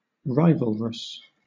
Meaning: 1. Having a relationship of rivalry 2. Which can be consumed by no more than one person at the same time
- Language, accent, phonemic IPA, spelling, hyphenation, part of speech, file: English, Southern England, /ˈɹaɪv(ə)lɹəs/, rivalrous, ri‧val‧rous, adjective, LL-Q1860 (eng)-rivalrous.wav